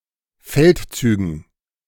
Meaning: dative plural of Feldzug
- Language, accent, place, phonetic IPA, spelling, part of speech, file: German, Germany, Berlin, [ˈfɛltˌt͡syːɡn̩], Feldzügen, noun, De-Feldzügen.ogg